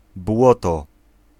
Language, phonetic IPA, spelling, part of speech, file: Polish, [ˈbwɔtɔ], błoto, noun, Pl-błoto.ogg